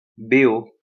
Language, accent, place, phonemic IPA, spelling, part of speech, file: French, France, Lyon, /be.o/, BO, noun, LL-Q150 (fra)-BO.wav
- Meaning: initialism of bande originale; OST